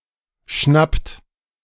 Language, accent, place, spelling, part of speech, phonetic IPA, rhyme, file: German, Germany, Berlin, schnappt, verb, [ʃnapt], -apt, De-schnappt.ogg
- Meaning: inflection of schnappen: 1. third-person singular present 2. second-person plural present 3. plural imperative